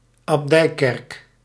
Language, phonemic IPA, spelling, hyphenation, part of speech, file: Dutch, /ɑpˈdɛi̯ˌkɛrk/, abdijkerk, ab‧dij‧kerk, noun, Nl-abdijkerk.ogg
- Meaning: an abbey church